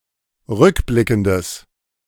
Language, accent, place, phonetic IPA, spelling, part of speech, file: German, Germany, Berlin, [ˈʁʏkˌblɪkn̩dəs], rückblickendes, adjective, De-rückblickendes.ogg
- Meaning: strong/mixed nominative/accusative neuter singular of rückblickend